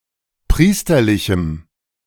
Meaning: strong dative masculine/neuter singular of priesterlich
- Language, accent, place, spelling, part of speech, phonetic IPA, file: German, Germany, Berlin, priesterlichem, adjective, [ˈpʁiːstɐlɪçm̩], De-priesterlichem.ogg